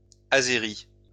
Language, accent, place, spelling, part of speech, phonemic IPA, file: French, France, Lyon, azéris, adjective, /a.ze.ʁi/, LL-Q150 (fra)-azéris.wav
- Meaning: masculine plural of azéri